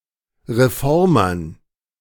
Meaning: dative plural of Reformer
- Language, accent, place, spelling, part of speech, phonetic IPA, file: German, Germany, Berlin, Reformern, noun, [ʁeˈfɔʁmɐn], De-Reformern.ogg